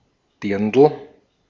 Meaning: 1. girl 2. A traditional dress in parts of Bavaria and Austria 3. cornel (tree and fruit)
- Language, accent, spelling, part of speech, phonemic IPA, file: German, Austria, Dirndl, noun, /ˈdɪrndl̩/, De-at-Dirndl.ogg